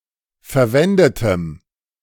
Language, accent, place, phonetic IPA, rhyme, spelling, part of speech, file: German, Germany, Berlin, [fɛɐ̯ˈvɛndətəm], -ɛndətəm, verwendetem, adjective, De-verwendetem.ogg
- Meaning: strong dative masculine/neuter singular of verwendet